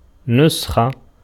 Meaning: 1. copy 2. transcript 3. original, manuscript, proof sheet, impression 4. prescription, recipe 5. written amulet
- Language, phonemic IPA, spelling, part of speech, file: Arabic, /nus.xa/, نسخة, noun, Ar-نسخة.ogg